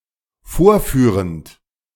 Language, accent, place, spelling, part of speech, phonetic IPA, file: German, Germany, Berlin, vorführend, verb, [ˈfoːɐ̯ˌfyːʁənt], De-vorführend.ogg
- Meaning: present participle of vorführen